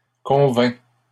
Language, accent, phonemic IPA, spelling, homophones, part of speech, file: French, Canada, /kɔ̃.vɛ̃/, convainc, convaincs, verb, LL-Q150 (fra)-convainc.wav
- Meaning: third-person singular present indicative of convaincre